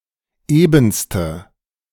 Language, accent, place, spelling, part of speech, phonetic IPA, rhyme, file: German, Germany, Berlin, ebenste, adjective, [ˈeːbn̩stə], -eːbn̩stə, De-ebenste.ogg
- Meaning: inflection of eben: 1. strong/mixed nominative/accusative feminine singular superlative degree 2. strong nominative/accusative plural superlative degree